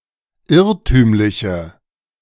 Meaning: inflection of irrtümlich: 1. strong/mixed nominative/accusative feminine singular 2. strong nominative/accusative plural 3. weak nominative all-gender singular
- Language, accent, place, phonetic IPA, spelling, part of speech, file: German, Germany, Berlin, [ˈɪʁtyːmlɪçə], irrtümliche, adjective, De-irrtümliche.ogg